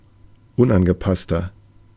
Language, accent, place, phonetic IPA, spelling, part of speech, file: German, Germany, Berlin, [ˈʊnʔanɡəˌpastɐ], unangepasster, adjective, De-unangepasster.ogg
- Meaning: 1. comparative degree of unangepasst 2. inflection of unangepasst: strong/mixed nominative masculine singular 3. inflection of unangepasst: strong genitive/dative feminine singular